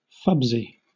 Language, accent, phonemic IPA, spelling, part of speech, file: English, Southern England, /ˈfʌb.sɪ/, fubsy, adjective, LL-Q1860 (eng)-fubsy.wav
- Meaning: short and stout; low and wide